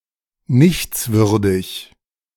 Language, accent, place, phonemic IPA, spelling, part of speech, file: German, Germany, Berlin, /ˈnɪçt͡sˌvʏʁdɪç/, nichtswürdig, adjective, De-nichtswürdig.ogg
- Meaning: unworthy, despicable, contemptible